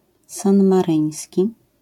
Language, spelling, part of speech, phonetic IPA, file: Polish, sanmaryński, adjective, [ˌsãnmaˈrɨ̃j̃sʲci], LL-Q809 (pol)-sanmaryński.wav